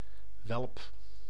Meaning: 1. whelp, young mammal of certain carnivorous species, notably a canine pup, bear cub or lion cub 2. human youngster, especially a boy scout in the age group 8–11
- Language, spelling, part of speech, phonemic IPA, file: Dutch, welp, noun, /wɛlp/, Nl-welp.ogg